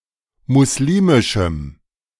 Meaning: strong dative masculine/neuter singular of muslimisch
- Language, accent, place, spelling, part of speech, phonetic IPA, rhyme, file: German, Germany, Berlin, muslimischem, adjective, [mʊsˈliːmɪʃm̩], -iːmɪʃm̩, De-muslimischem.ogg